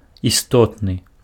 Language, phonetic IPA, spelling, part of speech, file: Belarusian, [jiˈstotnɨ], істотны, adjective, Be-істотны.ogg
- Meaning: essential, of the utmost importance